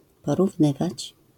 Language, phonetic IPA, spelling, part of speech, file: Polish, [ˌpɔruvˈnɨvat͡ɕ], porównywać, verb, LL-Q809 (pol)-porównywać.wav